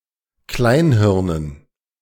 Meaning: dative plural of Kleinhirn
- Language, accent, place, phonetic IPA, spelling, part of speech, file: German, Germany, Berlin, [ˈklaɪ̯nˌhɪʁnən], Kleinhirnen, noun, De-Kleinhirnen.ogg